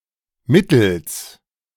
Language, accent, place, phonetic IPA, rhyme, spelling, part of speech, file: German, Germany, Berlin, [ˈmɪtl̩s], -ɪtl̩s, Mittels, noun, De-Mittels.ogg
- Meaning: genitive singular of Mittel